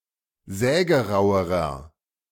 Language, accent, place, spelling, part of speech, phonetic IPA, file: German, Germany, Berlin, sägerauerer, adjective, [ˈzɛːɡəˌʁaʊ̯əʁɐ], De-sägerauerer.ogg
- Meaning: inflection of sägerau: 1. strong/mixed nominative masculine singular comparative degree 2. strong genitive/dative feminine singular comparative degree 3. strong genitive plural comparative degree